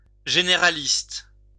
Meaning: 1. generalist (person with a broad general knowledge) 2. general practitioner
- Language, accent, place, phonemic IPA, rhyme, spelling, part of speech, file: French, France, Lyon, /ʒe.ne.ʁa.list/, -ist, généraliste, noun, LL-Q150 (fra)-généraliste.wav